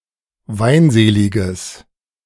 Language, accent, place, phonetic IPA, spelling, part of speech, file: German, Germany, Berlin, [ˈvaɪ̯nˌzeːlɪɡəs], weinseliges, adjective, De-weinseliges.ogg
- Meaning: strong/mixed nominative/accusative neuter singular of weinselig